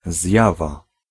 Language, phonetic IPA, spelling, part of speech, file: Polish, [ˈzʲjava], zjawa, noun, Pl-zjawa.ogg